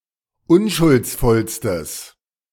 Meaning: strong/mixed nominative/accusative neuter singular superlative degree of unschuldsvoll
- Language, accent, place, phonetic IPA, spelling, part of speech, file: German, Germany, Berlin, [ˈʊnʃʊlt͡sˌfɔlstəs], unschuldsvollstes, adjective, De-unschuldsvollstes.ogg